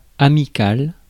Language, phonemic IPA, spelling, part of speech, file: French, /a.mi.kal/, amical, adjective, Fr-amical.ogg
- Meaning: friendly, amicable